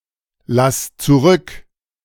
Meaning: singular imperative of zurücklassen
- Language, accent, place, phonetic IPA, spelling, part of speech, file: German, Germany, Berlin, [ˌlas t͡suˈʁʏk], lass zurück, verb, De-lass zurück.ogg